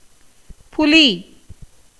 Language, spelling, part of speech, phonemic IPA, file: Tamil, புலி, noun, /pʊliː/, Ta-புலி.ogg
- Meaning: 1. tiger, panther 2. genius, giant 3. lion 4. Leo